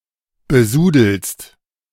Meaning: second-person singular present of besudeln
- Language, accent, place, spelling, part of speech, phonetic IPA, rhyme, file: German, Germany, Berlin, besudelst, verb, [bəˈzuːdl̩st], -uːdl̩st, De-besudelst.ogg